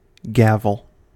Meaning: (noun) 1. Rent 2. Usury; interest on money 3. An old Saxon and Welsh form of tenure by which an estate passed, on the holder's death, to all the sons equally; also called gavelkind
- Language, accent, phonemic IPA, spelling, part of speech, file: English, US, /ˈɡæ.vəl/, gavel, noun / verb, En-us-gavel.ogg